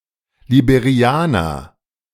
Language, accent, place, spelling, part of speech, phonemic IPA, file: German, Germany, Berlin, Liberianer, noun, /libeʁiˈaːnɐ/, De-Liberianer.ogg
- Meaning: Liberian (a person from Liberia)